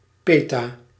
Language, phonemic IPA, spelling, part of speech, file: Dutch, /ˈpe.ta/, peta-, prefix, Nl-peta-.ogg
- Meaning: peta-